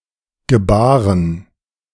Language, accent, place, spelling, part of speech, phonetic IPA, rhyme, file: German, Germany, Berlin, gebaren, verb, [ɡəˈbaːʁən], -aːʁən, De-gebaren.ogg
- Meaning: first/third-person plural preterite of gebären